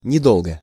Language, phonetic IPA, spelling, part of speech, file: Russian, [nʲɪˈdoɫɡə], недолго, adverb / adjective, Ru-недолго.ogg
- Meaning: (adverb) 1. not long (of time) 2. easily; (adjective) short neuter singular of недо́лгий (nedólgij)